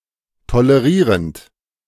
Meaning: present participle of tolerieren
- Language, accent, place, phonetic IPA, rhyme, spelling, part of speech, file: German, Germany, Berlin, [toləˈʁiːʁənt], -iːʁənt, tolerierend, verb, De-tolerierend.ogg